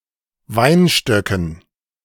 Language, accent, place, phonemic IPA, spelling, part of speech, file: German, Germany, Berlin, /ˈvaɪnʃtœkən/, Weinstöcken, noun, De-Weinstöcken.ogg
- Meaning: dative plural of Weinstock